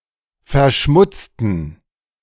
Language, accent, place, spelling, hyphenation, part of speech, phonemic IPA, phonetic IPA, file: German, Germany, Berlin, verschmutzen, ver‧schmut‧zen, verb, /fɛɐ̯ˈʃmʊt͡sən/, [fɛɐ̯ˈʃmʊt͡sn̩], De-verschmutzen.ogg
- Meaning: 1. to soil 2. to pollute